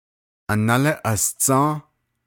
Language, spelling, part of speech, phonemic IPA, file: Navajo, análí asdzą́ą́, noun, /ʔɑ̀nɑ́lɪ́ ʔɑ̀st͡sɑ̃́ː/, Nv-análí asdzą́ą́.ogg
- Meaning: paternal grandmother, as well as any of her sisters (paternal great-aunts)